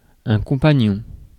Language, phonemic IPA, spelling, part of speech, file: French, /kɔ̃.pa.ɲɔ̃/, compagnon, noun, Fr-compagnon.ogg
- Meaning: 1. lifelong partner, significant other 2. companion 3. friend, buddy, pal 4. journeyman